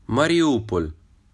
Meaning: Mariupol (a city in Donetsk Oblast, Ukraine)
- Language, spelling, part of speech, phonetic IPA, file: Ukrainian, Маріуполь, proper noun, [mɐrʲiˈupɔlʲ], Uk-Маріуполь.ogg